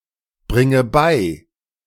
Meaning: inflection of beibringen: 1. first-person singular present 2. first/third-person singular subjunctive I 3. singular imperative
- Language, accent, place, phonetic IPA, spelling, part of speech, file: German, Germany, Berlin, [ˌbʁɪŋə ˈbaɪ̯], bringe bei, verb, De-bringe bei.ogg